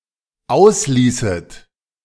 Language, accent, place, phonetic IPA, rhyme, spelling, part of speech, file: German, Germany, Berlin, [ˈaʊ̯sˌliːsət], -aʊ̯sliːsət, ausließet, verb, De-ausließet.ogg
- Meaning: second-person plural dependent subjunctive II of auslassen